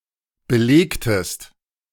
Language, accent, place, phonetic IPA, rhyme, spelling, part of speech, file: German, Germany, Berlin, [bəˈleːktəst], -eːktəst, belegtest, verb, De-belegtest.ogg
- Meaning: inflection of belegen: 1. second-person singular preterite 2. second-person singular subjunctive II